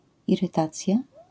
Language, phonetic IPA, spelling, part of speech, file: Polish, [ˌirɨˈtat͡sʲja], irytacja, noun, LL-Q809 (pol)-irytacja.wav